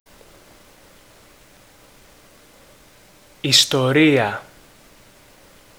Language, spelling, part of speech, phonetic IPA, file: Greek, ιστορία, noun, [i.stoˈɾi.a], Ell-Istoria.ogg
- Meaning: 1. history 2. story 3. love affair